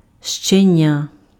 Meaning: puppy
- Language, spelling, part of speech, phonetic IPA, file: Ukrainian, щеня, noun, [ʃt͡ʃeˈnʲa], Uk-щеня.ogg